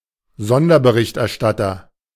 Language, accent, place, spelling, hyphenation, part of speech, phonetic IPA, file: German, Germany, Berlin, Sonderberichterstatter, Son‧der‧be‧richt‧er‧stat‧ter, noun, [ˈzɔndɐbəˈʁɪçtʔɛɐ̯ˌʃtatɐ], De-Sonderberichterstatter.ogg
- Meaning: 1. special correspondent 2. special rapporteur